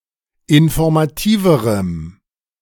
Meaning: strong dative masculine/neuter singular comparative degree of informativ
- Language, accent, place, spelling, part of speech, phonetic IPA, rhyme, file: German, Germany, Berlin, informativerem, adjective, [ɪnfɔʁmaˈtiːvəʁəm], -iːvəʁəm, De-informativerem.ogg